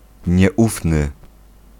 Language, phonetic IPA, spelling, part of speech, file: Polish, [ɲɛˈʷufnɨ], nieufny, adjective, Pl-nieufny.ogg